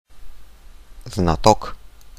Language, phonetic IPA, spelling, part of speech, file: Russian, [znɐˈtok], знаток, noun, Ru-знаток.ogg
- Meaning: cognoscente, connoisseur, pundit, adept, maven, expert